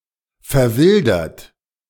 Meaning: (verb) past participle of verwildern; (adjective) feral (wild, untamed, especially of domesticated animals having returned to the wild); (verb) inflection of verwildern: third-person singular present
- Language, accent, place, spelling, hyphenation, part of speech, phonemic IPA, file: German, Germany, Berlin, verwildert, ver‧wil‧dert, verb / adjective, /fɛʁˈvɪldɐt/, De-verwildert.ogg